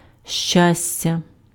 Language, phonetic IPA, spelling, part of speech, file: Ukrainian, [ˈʃt͡ʃasʲtʲɐ], щастя, noun, Uk-щастя.ogg
- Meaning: 1. happiness 2. luck, fortune